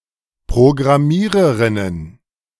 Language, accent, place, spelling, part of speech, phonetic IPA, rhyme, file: German, Germany, Berlin, Programmiererinnen, noun, [pʁoɡʁaˈmiːʁəʁɪnən], -iːʁəʁɪnən, De-Programmiererinnen.ogg
- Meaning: plural of Programmiererin